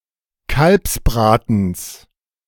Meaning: genitive of Kalbsbraten
- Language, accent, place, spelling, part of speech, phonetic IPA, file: German, Germany, Berlin, Kalbsbratens, noun, [ˈkalpsˌbʁaːtn̩s], De-Kalbsbratens.ogg